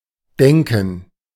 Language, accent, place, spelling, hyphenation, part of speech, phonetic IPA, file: German, Germany, Berlin, Denken, Den‧ken, noun, [ˈdɛŋkn̩], De-Denken.ogg
- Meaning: gerund of denken; thinking, thought(s)